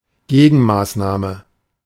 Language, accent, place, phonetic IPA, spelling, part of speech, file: German, Germany, Berlin, [ˈɡeːɡn̩ˌmaːsnaːmə], Gegenmaßnahme, noun, De-Gegenmaßnahme.ogg
- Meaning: 1. countermeasure 2. counteraction